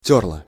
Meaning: feminine singular past indicative imperfective of тере́ть (terétʹ)
- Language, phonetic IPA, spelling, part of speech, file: Russian, [ˈtʲɵrɫə], тёрла, verb, Ru-тёрла.ogg